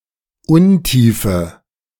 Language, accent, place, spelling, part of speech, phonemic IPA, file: German, Germany, Berlin, Untiefe, noun, /ˈʊnˌtiːfə/, De-Untiefe.ogg
- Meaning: 1. shallows; shoal; shallow depth 2. abyss; precarious depth